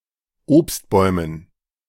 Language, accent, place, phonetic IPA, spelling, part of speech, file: German, Germany, Berlin, [ˈoːpstˌbɔɪ̯mən], Obstbäumen, noun, De-Obstbäumen.ogg
- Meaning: dative plural of Obstbaum